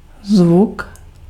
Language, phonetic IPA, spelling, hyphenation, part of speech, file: Czech, [ˈzvuk], zvuk, zvuk, noun, Cs-zvuk.ogg
- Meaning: sound